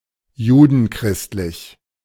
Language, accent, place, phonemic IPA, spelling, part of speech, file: German, Germany, Berlin, /ˈjuːdn̩ˌkʁɪstlɪç/, judenchristlich, adjective, De-judenchristlich.ogg
- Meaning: Judeo-Christian